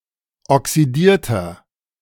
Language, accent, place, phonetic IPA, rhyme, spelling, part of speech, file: German, Germany, Berlin, [ɔksiˈdiːɐ̯tɐ], -iːɐ̯tɐ, oxidierter, adjective, De-oxidierter.ogg
- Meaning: inflection of oxidiert: 1. strong/mixed nominative masculine singular 2. strong genitive/dative feminine singular 3. strong genitive plural